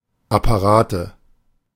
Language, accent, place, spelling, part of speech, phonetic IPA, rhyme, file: German, Germany, Berlin, Apparate, noun, [apaˈʁaːtə], -aːtə, De-Apparate.ogg
- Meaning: nominative/accusative/genitive plural of Apparat